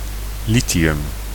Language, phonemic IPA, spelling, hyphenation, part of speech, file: Dutch, /ˈli.tiˌʏm/, lithium, li‧thi‧um, noun, Nl-lithium.ogg
- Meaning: lithium